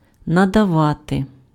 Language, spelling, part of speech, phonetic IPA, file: Ukrainian, надавати, verb, [nɐdɐˈʋate], Uk-надавати.ogg
- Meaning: 1. to give, to grant, to provide, to confer 2. to give (in large quantity)